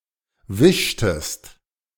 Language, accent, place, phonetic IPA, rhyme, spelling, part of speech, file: German, Germany, Berlin, [ˈvɪʃtəst], -ɪʃtəst, wischtest, verb, De-wischtest.ogg
- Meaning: inflection of wischen: 1. second-person singular preterite 2. second-person singular subjunctive II